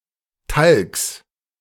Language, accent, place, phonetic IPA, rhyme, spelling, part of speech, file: German, Germany, Berlin, [talks], -alks, Talks, noun, De-Talks.ogg
- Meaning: genitive of Talk